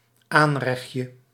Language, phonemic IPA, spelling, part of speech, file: Dutch, /ˈanrɛx(t)jə/, aanrechtje, noun, Nl-aanrechtje.ogg
- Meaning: diminutive of aanrecht